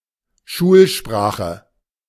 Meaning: medium of instruction
- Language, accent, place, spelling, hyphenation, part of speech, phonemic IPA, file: German, Germany, Berlin, Schulsprache, Schul‧spra‧che, noun, /ˈʃuːlˌʃpʁaːxə/, De-Schulsprache.ogg